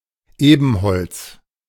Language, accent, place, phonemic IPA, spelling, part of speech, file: German, Germany, Berlin, /ˈeːbənhɔlts/, Ebenholz, noun / proper noun, De-Ebenholz.ogg
- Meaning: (noun) ebony (wood); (proper noun) a village in Vaduz, Liechtenstein